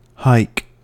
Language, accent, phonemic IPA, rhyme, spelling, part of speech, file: English, US, /haɪk/, -aɪk, hike, noun / verb / interjection, En-us-hike.ogg
- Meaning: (noun) 1. A long walk, usually for pleasure or exercise 2. An abrupt increase 3. The snap of the ball to start a play 4. A sharp upward tug to raise something